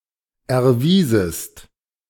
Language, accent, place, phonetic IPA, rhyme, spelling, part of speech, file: German, Germany, Berlin, [ɛɐ̯ˈviːzəst], -iːzəst, erwiesest, verb, De-erwiesest.ogg
- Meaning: second-person singular subjunctive II of erweisen